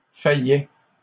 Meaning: first/second-person singular imperfect indicative of faillir
- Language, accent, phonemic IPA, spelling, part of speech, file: French, Canada, /fa.jɛ/, faillais, verb, LL-Q150 (fra)-faillais.wav